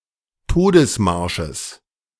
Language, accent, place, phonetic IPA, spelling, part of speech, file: German, Germany, Berlin, [ˈtoːdəsˌmaʁʃəs], Todesmarsches, noun, De-Todesmarsches.ogg
- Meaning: genitive singular of Todesmarsch